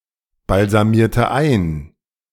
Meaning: inflection of einbalsamieren: 1. first/third-person singular preterite 2. first/third-person singular subjunctive II
- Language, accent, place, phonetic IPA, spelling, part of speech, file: German, Germany, Berlin, [balzaˌmiːɐ̯tə ˈaɪ̯n], balsamierte ein, verb, De-balsamierte ein.ogg